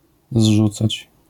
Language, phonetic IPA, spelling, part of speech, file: Polish, [ˈzʒut͡sat͡ɕ], zrzucać, verb, LL-Q809 (pol)-zrzucać.wav